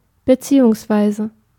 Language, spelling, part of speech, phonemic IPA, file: German, beziehungsweise, conjunction, /bəˈtsiːʊŋsˌvaɪ̯zə/, De-beziehungsweise.ogg
- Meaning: 1. and … respectively 2. or alternatively, also 3. or rather, actually, more precisely